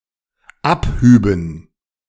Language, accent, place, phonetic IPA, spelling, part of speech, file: German, Germany, Berlin, [ˈapˌhyːbn̩], abhüben, verb, De-abhüben.ogg
- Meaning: first/third-person plural dependent subjunctive II of abheben